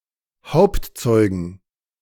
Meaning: plural of Hauptzeuge
- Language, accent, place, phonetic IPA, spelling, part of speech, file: German, Germany, Berlin, [ˈhaʊ̯ptˌt͡sɔɪ̯ɡn̩], Hauptzeugen, noun, De-Hauptzeugen.ogg